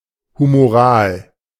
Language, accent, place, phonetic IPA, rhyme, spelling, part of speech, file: German, Germany, Berlin, [humoˈʁaːl], -aːl, humoral, adjective, De-humoral.ogg
- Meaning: 1. of the bodily fluids; humoral 2. of the transport of substances in the blood or lymph 3. of the secretion of hormones and neurotransmitters